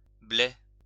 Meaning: overripe
- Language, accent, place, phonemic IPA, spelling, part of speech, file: French, France, Lyon, /blɛ/, blet, adjective, LL-Q150 (fra)-blet.wav